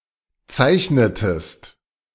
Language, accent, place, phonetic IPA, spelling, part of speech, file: German, Germany, Berlin, [ˈt͡saɪ̯çnətəst], zeichnetest, verb, De-zeichnetest.ogg
- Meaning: inflection of zeichnen: 1. second-person singular preterite 2. second-person singular subjunctive II